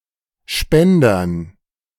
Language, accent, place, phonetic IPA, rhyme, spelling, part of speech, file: German, Germany, Berlin, [ˈʃpɛndɐn], -ɛndɐn, Spendern, noun, De-Spendern.ogg
- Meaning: dative plural of Spender